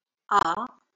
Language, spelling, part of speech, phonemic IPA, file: Marathi, आ, character, /a/, LL-Q1571 (mar)-आ.wav
- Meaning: The second vowel in Marathi